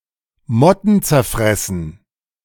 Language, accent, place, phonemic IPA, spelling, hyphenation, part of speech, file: German, Germany, Berlin, /ˈmɔtn̩t͡sɛʁˌfʁɛsn̩/, mottenzerfressen, mot‧ten‧zer‧fres‧sen, adjective, De-mottenzerfressen.ogg
- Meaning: moth-eaten